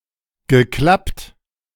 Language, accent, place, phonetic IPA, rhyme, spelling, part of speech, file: German, Germany, Berlin, [ɡəˈklapt], -apt, geklappt, verb, De-geklappt.ogg
- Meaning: past participle of klappen